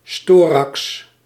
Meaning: alternative form of styrax
- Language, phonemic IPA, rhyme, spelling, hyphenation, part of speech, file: Dutch, /ˈstoː.rɑks/, -oːrɑks, storax, sto‧rax, noun, Nl-storax.ogg